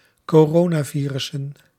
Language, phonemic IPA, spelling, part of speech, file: Dutch, /koˈronaˌvirʏsə(n)/, coronavirussen, noun, Nl-coronavirussen.ogg
- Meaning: plural of coronavirus